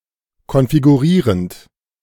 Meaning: present participle of konfigurieren
- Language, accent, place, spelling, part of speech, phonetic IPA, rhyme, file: German, Germany, Berlin, konfigurierend, verb, [kɔnfiɡuˈʁiːʁənt], -iːʁənt, De-konfigurierend.ogg